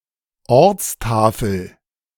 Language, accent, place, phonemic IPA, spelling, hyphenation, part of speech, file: German, Germany, Berlin, /ˈɔʁt͡sˌtaːfl̩/, Ortstafel, Orts‧ta‧fel, noun, De-Ortstafel.ogg
- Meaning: place-name sign, town sign, city limit sign